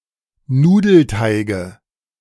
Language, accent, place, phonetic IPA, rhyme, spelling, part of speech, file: German, Germany, Berlin, [ˈnuːdl̩ˌtaɪ̯ɡə], -uːdl̩taɪ̯ɡə, Nudelteige, noun, De-Nudelteige.ogg
- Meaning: nominative/accusative/genitive plural of Nudelteig